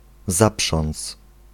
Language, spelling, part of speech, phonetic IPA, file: Polish, zaprząc, verb, [ˈzapʃɔ̃nt͡s], Pl-zaprząc.ogg